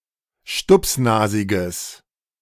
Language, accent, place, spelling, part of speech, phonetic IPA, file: German, Germany, Berlin, stupsnasiges, adjective, [ˈʃtʊpsˌnaːzɪɡəs], De-stupsnasiges.ogg
- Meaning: strong/mixed nominative/accusative neuter singular of stupsnasig